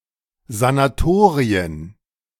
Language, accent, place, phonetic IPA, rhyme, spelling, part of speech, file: German, Germany, Berlin, [zanaˈtoːʁiən], -oːʁiən, Sanatorien, noun, De-Sanatorien.ogg
- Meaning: plural of Sanatorium